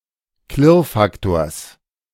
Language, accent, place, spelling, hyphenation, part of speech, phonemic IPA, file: German, Germany, Berlin, Klirrfaktors, Klirr‧fak‧tors, noun, /ˈklɪʁˌfaktoːɐ̯s/, De-Klirrfaktors.ogg
- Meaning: genitive singular of Klirrfaktor